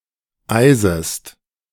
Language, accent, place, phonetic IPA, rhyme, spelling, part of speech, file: German, Germany, Berlin, [ˈaɪ̯zəst], -aɪ̯zəst, eisest, verb, De-eisest.ogg
- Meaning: second-person singular subjunctive I of eisen